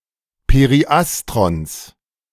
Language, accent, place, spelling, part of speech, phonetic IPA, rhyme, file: German, Germany, Berlin, Periastrons, noun, [peʁiˈʔastʁɔns], -astʁɔns, De-Periastrons.ogg
- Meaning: genitive singular of Periastron